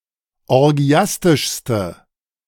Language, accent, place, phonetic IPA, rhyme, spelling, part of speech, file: German, Germany, Berlin, [ɔʁˈɡi̯astɪʃstə], -astɪʃstə, orgiastischste, adjective, De-orgiastischste.ogg
- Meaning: inflection of orgiastisch: 1. strong/mixed nominative/accusative feminine singular superlative degree 2. strong nominative/accusative plural superlative degree